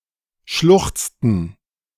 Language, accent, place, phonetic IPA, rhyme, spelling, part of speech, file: German, Germany, Berlin, [ˈʃlʊxt͡stn̩], -ʊxt͡stn̩, schluchzten, verb, De-schluchzten.ogg
- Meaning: inflection of schluchzen: 1. first/third-person plural preterite 2. first/third-person plural subjunctive II